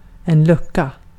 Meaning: 1. a gap, a hole, an open slot, a small empty room 2. a hatch (that covers an open slot) 3. a service desk or box office 4. a barrack room
- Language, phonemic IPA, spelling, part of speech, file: Swedish, /²lɵkːa/, lucka, noun, Sv-lucka.ogg